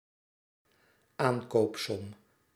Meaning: second/third-person singular dependent-clause present indicative of aankondigen
- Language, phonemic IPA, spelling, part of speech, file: Dutch, /ˈaŋkɔndəxt/, aankondigt, verb, Nl-aankondigt.ogg